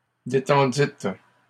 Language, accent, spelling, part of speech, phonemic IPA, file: French, Canada, détendîtes, verb, /de.tɑ̃.dit/, LL-Q150 (fra)-détendîtes.wav
- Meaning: second-person plural past historic of détendre